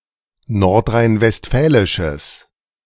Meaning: strong/mixed nominative/accusative neuter singular of nordrhein-westfälisch
- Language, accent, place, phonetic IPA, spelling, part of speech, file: German, Germany, Berlin, [ˌnɔʁtʁaɪ̯nvɛstˈfɛːlɪʃəs], nordrhein-westfälisches, adjective, De-nordrhein-westfälisches.ogg